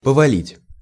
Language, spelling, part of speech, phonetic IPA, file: Russian, повалить, verb, [pəvɐˈlʲitʲ], Ru-повалить.ogg
- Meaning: 1. to bring down, to topple, to overthrow 2. (people) to begin to throng; (snow) to begin to fall heavily, to begin to fall in thick flakes; (smoke) to begin to belch